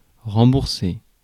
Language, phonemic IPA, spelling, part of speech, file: French, /ʁɑ̃.buʁ.se/, rembourser, verb, Fr-rembourser.ogg
- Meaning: to pay back, refund, reimburse